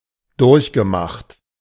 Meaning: past participle of durchmachen
- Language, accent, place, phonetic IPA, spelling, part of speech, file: German, Germany, Berlin, [ˈdʊʁçɡəˌmaxt], durchgemacht, verb, De-durchgemacht.ogg